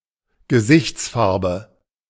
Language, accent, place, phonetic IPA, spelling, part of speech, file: German, Germany, Berlin, [ɡəˈzɪçt͡sˌfaʁbə], Gesichtsfarbe, noun, De-Gesichtsfarbe.ogg
- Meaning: complexion